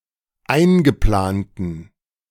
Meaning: inflection of eingeplant: 1. strong genitive masculine/neuter singular 2. weak/mixed genitive/dative all-gender singular 3. strong/weak/mixed accusative masculine singular 4. strong dative plural
- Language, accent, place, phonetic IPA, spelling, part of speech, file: German, Germany, Berlin, [ˈaɪ̯nɡəˌplaːntn̩], eingeplanten, adjective, De-eingeplanten.ogg